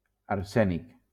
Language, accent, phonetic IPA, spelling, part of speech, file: Catalan, Valencia, [aɾˈsɛ.nik], arsènic, noun, LL-Q7026 (cat)-arsènic.wav
- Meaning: arsenic